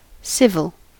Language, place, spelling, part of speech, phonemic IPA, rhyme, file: English, California, civil, adjective, /ˈsɪv.əl/, -ɪvəl, En-us-civil.ogg
- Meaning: 1. Having to do with people and government office as opposed to the military or religion 2. Behaving in a reasonable or polite manner; avoiding displays of hostility